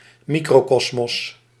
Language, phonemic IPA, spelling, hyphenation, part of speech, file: Dutch, /ˈmi.kroːˌkɔs.mɔs/, microkosmos, mi‧cro‧kos‧mos, noun, Nl-microkosmos.ogg
- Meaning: microcosm